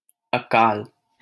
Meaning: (noun) 1. famine; scarcity 2. an inopportune time 3. timeless; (adjective) untimely, unseasonable, inopportune, premature
- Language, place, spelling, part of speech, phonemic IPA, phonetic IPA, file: Hindi, Delhi, अकाल, noun / adjective, /ə.kɑːl/, [ɐ.käːl], LL-Q1568 (hin)-अकाल.wav